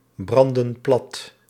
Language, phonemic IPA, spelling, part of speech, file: Dutch, /ˈbrɑndə(n) ˈplɑt/, branden plat, verb, Nl-branden plat.ogg
- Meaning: inflection of platbranden: 1. plural present indicative 2. plural present subjunctive